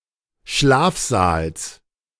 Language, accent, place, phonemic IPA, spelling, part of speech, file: German, Germany, Berlin, /ˈʃlaːfzaːls/, Schlafsaals, noun, De-Schlafsaals.ogg
- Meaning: genitive singular of Schlafsaal